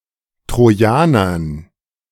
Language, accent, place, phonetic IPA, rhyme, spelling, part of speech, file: German, Germany, Berlin, [tʁoˈjaːnɐn], -aːnɐn, Trojanern, noun, De-Trojanern.ogg
- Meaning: dative plural of Trojaner